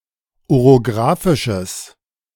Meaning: strong/mixed nominative/accusative neuter singular of orographisch
- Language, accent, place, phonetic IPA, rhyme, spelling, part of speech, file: German, Germany, Berlin, [oʁoˈɡʁaːfɪʃəs], -aːfɪʃəs, orographisches, adjective, De-orographisches.ogg